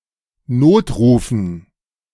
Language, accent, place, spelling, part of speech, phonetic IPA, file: German, Germany, Berlin, Notrufen, noun, [ˈnoːtˌʁuːfn̩], De-Notrufen.ogg
- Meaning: dative plural of Notruf